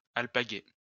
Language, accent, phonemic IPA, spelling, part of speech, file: French, France, /al.pa.ɡe/, alpaguer, verb, LL-Q150 (fra)-alpaguer.wav
- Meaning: to collar, catch, seize, arrest